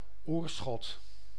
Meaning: a village and municipality of North Brabant, Netherlands
- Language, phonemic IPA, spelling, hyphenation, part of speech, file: Dutch, /ˈoːrˌsxɔt/, Oirschot, Oir‧schot, proper noun, Nl-Oirschot.ogg